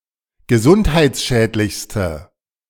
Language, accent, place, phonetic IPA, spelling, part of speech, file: German, Germany, Berlin, [ɡəˈzʊnthaɪ̯t͡sˌʃɛːtlɪçstə], gesundheitsschädlichste, adjective, De-gesundheitsschädlichste.ogg
- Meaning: inflection of gesundheitsschädlich: 1. strong/mixed nominative/accusative feminine singular superlative degree 2. strong nominative/accusative plural superlative degree